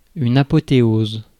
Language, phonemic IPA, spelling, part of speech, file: French, /a.pɔ.te.oz/, apothéose, noun / verb, Fr-apothéose.ogg
- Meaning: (noun) apotheosis; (verb) inflection of apothéoser: 1. first/third-person singular present indicative/subjunctive 2. second-person singular imperative